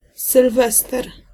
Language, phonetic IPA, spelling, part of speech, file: Polish, [sɨlˈvɛstɛr], sylwester, noun, Pl-sylwester.ogg